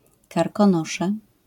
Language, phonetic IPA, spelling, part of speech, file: Polish, [ˌkarkɔ̃ˈnɔʃɛ], Karkonosze, proper noun, LL-Q809 (pol)-Karkonosze.wav